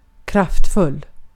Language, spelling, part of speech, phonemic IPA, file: Swedish, kraftfull, adjective, /kraftˈfɵl/, Sv-kraftfull.ogg
- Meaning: powerful